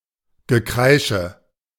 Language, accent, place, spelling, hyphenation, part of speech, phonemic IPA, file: German, Germany, Berlin, Gekreische, Ge‧krei‧sche, noun, /ɡəˈkʁaɪ̯ʃə/, De-Gekreische.ogg
- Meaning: 1. screaming, shrieking 2. screeching